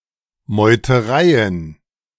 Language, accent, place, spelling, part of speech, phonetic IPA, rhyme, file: German, Germany, Berlin, Meutereien, noun, [mɔɪ̯təˈʁaɪ̯ən], -aɪ̯ən, De-Meutereien.ogg
- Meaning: plural of Meuterei